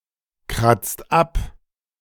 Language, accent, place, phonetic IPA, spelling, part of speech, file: German, Germany, Berlin, [ˌkʁat͡st ˈap], kratzt ab, verb, De-kratzt ab.ogg
- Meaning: inflection of abkratzen: 1. second/third-person singular present 2. second-person plural present 3. plural imperative